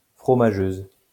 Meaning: feminine singular of fromageux
- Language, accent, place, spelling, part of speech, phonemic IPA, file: French, France, Lyon, fromageuse, adjective, /fʁɔ.ma.ʒøz/, LL-Q150 (fra)-fromageuse.wav